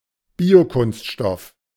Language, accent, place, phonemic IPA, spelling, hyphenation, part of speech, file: German, Germany, Berlin, /ˈbiːoˌkʊnstʃtɔf/, Biokunststoff, Bio‧kunst‧stoff, noun, De-Biokunststoff.ogg
- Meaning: bioplastics